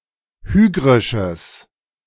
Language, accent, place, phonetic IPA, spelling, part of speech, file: German, Germany, Berlin, [ˈhyːɡʁɪʃəs], hygrisches, adjective, De-hygrisches.ogg
- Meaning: strong/mixed nominative/accusative neuter singular of hygrisch